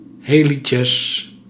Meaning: plural of helix
- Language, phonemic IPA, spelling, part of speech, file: Dutch, /ˈheliˌsɛs/, helices, noun, Nl-helices.ogg